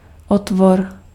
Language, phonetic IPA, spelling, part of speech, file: Czech, [ˈotvor], otvor, noun, Cs-otvor.ogg
- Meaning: opening (hole)